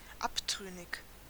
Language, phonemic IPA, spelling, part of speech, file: German, /ˈʔapˌtʁʏnɪç/, abtrünnig, adjective, De-abtrünnig.ogg
- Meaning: renegade, breakaway